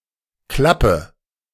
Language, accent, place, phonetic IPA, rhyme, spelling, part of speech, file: German, Germany, Berlin, [ˈklapə], -apə, klappe, verb, De-klappe.ogg
- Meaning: inflection of klappen: 1. first-person singular present 2. first/third-person singular subjunctive I 3. singular imperative